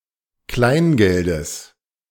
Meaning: genitive singular of Kleingeld
- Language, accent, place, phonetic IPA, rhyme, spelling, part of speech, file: German, Germany, Berlin, [ˈklaɪ̯nˌɡɛldəs], -aɪ̯nɡɛldəs, Kleingeldes, noun, De-Kleingeldes.ogg